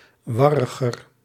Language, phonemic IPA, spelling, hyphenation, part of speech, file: Dutch, /ˈʋɑrəɣər/, warriger, war‧ri‧ger, adjective, Nl-warriger.ogg
- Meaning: comparative degree of warrig